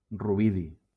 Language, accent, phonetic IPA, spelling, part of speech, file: Catalan, Valencia, [ruˈbi.ði], rubidi, noun, LL-Q7026 (cat)-rubidi.wav
- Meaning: rubidium